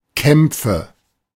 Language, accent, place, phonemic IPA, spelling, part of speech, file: German, Germany, Berlin, /ˈkɛmpfə/, Kämpfe, noun, De-Kämpfe.ogg
- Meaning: nominative/accusative/genitive plural of Kampf "fights"